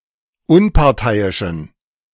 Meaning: inflection of Unparteiischer: 1. strong genitive/accusative singular 2. strong dative plural 3. weak/mixed genitive/dative/accusative singular 4. weak/mixed all-case plural
- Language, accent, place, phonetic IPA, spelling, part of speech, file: German, Germany, Berlin, [ˈʊnpaʁˌtaɪ̯ɪʃn̩], Unparteiischen, noun, De-Unparteiischen.ogg